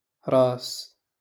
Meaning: 1. head 2. beginning
- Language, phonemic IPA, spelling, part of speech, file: Moroccan Arabic, /raːs/, راس, noun, LL-Q56426 (ary)-راس.wav